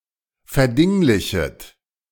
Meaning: second-person plural subjunctive I of verdinglichen
- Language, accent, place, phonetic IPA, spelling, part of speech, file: German, Germany, Berlin, [fɛɐ̯ˈdɪŋlɪçət], verdinglichet, verb, De-verdinglichet.ogg